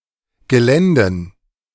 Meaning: dative plural of Gelände
- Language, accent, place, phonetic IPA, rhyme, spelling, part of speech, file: German, Germany, Berlin, [ɡəˈlɛndn̩], -ɛndn̩, Geländen, noun, De-Geländen.ogg